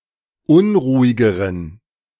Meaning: inflection of unruhig: 1. strong genitive masculine/neuter singular comparative degree 2. weak/mixed genitive/dative all-gender singular comparative degree
- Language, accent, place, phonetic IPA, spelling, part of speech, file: German, Germany, Berlin, [ˈʊnʁuːɪɡəʁən], unruhigeren, adjective, De-unruhigeren.ogg